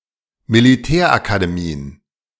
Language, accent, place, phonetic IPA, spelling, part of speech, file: German, Germany, Berlin, [miliˈtɛːɐ̯ʔakadeˌmiːən], Militärakademien, noun, De-Militärakademien.ogg
- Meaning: plural of Militärakademie